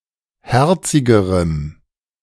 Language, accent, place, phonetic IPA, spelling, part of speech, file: German, Germany, Berlin, [ˈhɛʁt͡sɪɡəʁəm], herzigerem, adjective, De-herzigerem.ogg
- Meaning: strong dative masculine/neuter singular comparative degree of herzig